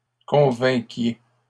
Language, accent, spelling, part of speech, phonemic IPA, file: French, Canada, convainquiez, verb, /kɔ̃.vɛ̃.kje/, LL-Q150 (fra)-convainquiez.wav
- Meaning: inflection of convaincre: 1. second-person plural imperfect indicative 2. second-person plural present subjunctive